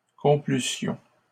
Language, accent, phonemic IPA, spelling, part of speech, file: French, Canada, /kɔ̃.ply.sjɔ̃/, complussions, verb, LL-Q150 (fra)-complussions.wav
- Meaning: first-person plural imperfect conditional of complaire